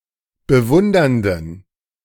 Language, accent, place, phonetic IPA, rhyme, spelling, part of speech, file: German, Germany, Berlin, [bəˈvʊndɐndn̩], -ʊndɐndn̩, bewundernden, adjective, De-bewundernden.ogg
- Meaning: inflection of bewundernd: 1. strong genitive masculine/neuter singular 2. weak/mixed genitive/dative all-gender singular 3. strong/weak/mixed accusative masculine singular 4. strong dative plural